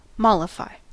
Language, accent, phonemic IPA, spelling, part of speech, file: English, US, /ˈmɒlɪfaɪ/, mollify, verb, En-us-mollify.ogg
- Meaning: 1. To ease a burden, particularly to ease a worry; make less painful; to comfort 2. To appease anger, pacify, gain the good will of 3. To soften; to make tender